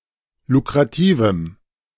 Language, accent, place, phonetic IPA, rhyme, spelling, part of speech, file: German, Germany, Berlin, [lukʁaˈtiːvm̩], -iːvm̩, lukrativem, adjective, De-lukrativem.ogg
- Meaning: strong dative masculine/neuter singular of lukrativ